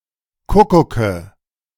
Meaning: nominative/accusative/genitive plural of Kuckuck
- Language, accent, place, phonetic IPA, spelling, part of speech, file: German, Germany, Berlin, [ˈkʊkʊkə], Kuckucke, noun, De-Kuckucke.ogg